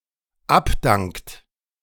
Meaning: inflection of abdanken: 1. third-person singular dependent present 2. second-person plural dependent present
- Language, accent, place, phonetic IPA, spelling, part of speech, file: German, Germany, Berlin, [ˈapˌdaŋkt], abdankt, verb, De-abdankt.ogg